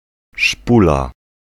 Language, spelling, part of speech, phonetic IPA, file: Polish, szpula, noun / interjection, [ˈʃpula], Pl-szpula.ogg